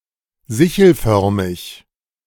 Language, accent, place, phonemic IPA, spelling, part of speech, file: German, Germany, Berlin, /ˈzɪçl̩ˌfœʁmɪç/, sichelförmig, adjective, De-sichelförmig.ogg
- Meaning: crescent-shaped, sickle-shaped